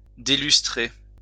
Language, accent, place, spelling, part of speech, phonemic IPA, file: French, France, Lyon, délustrer, verb, /de.lys.tʁe/, LL-Q150 (fra)-délustrer.wav
- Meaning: to take off the lustre, the gloss of